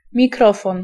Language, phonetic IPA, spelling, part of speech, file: Polish, [mʲiˈkrɔfɔ̃n], mikrofon, noun, Pl-mikrofon.ogg